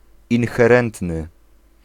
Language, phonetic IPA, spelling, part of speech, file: Polish, [ˌĩnxɛˈrɛ̃ntnɨ], inherentny, adjective, Pl-inherentny.ogg